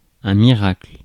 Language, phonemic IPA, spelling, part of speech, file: French, /mi.ʁakl/, miracle, noun, Fr-miracle.ogg
- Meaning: miracle